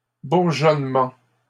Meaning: budding
- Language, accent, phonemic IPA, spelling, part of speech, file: French, Canada, /buʁ.ʒɔn.mɑ̃/, bourgeonnement, noun, LL-Q150 (fra)-bourgeonnement.wav